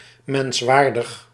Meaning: respecting or congruent with human dignity
- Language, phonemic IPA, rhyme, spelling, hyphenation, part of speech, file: Dutch, /ˌmɛnsˈʋaːr.dəx/, -aːrdəx, menswaardig, mens‧waar‧dig, adjective, Nl-menswaardig.ogg